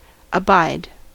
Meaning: 1. To endure without yielding; to withstand 2. To bear patiently 3. To pay for; to take the consequences of 4. Used in a phrasal verb: abide by (“to accept and act in accordance with”)
- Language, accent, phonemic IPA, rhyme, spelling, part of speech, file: English, US, /əˈbaɪd/, -aɪd, abide, verb, En-us-abide.ogg